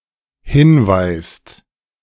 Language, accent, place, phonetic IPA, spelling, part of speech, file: German, Germany, Berlin, [ˈhɪnˌvaɪ̯st], hinweist, verb, De-hinweist.ogg
- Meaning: inflection of hinweisen: 1. second/third-person singular dependent present 2. second-person plural dependent present